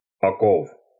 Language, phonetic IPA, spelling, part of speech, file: Russian, [ɐˈkof], оков, noun, Ru-оков.ogg
- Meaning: genitive of око́вы (okóvy)